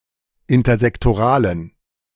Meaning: inflection of intersektoral: 1. strong genitive masculine/neuter singular 2. weak/mixed genitive/dative all-gender singular 3. strong/weak/mixed accusative masculine singular 4. strong dative plural
- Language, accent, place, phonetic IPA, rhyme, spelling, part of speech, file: German, Germany, Berlin, [ɪntɐzɛktoˈʁaːlən], -aːlən, intersektoralen, adjective, De-intersektoralen.ogg